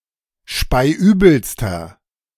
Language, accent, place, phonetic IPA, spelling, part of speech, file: German, Germany, Berlin, [ˈʃpaɪ̯ˈʔyːbl̩stɐ], speiübelster, adjective, De-speiübelster.ogg
- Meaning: inflection of speiübel: 1. strong/mixed nominative masculine singular superlative degree 2. strong genitive/dative feminine singular superlative degree 3. strong genitive plural superlative degree